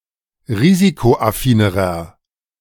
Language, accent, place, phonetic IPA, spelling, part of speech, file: German, Germany, Berlin, [ˈʁiːzikoʔaˌfiːnəʁɐ], risikoaffinerer, adjective, De-risikoaffinerer.ogg
- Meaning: inflection of risikoaffin: 1. strong/mixed nominative masculine singular comparative degree 2. strong genitive/dative feminine singular comparative degree 3. strong genitive plural comparative degree